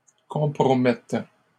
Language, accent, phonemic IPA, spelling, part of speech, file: French, Canada, /kɔ̃.pʁɔ.mɛt/, compromettent, verb, LL-Q150 (fra)-compromettent.wav
- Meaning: third-person plural present indicative/subjunctive of compromettre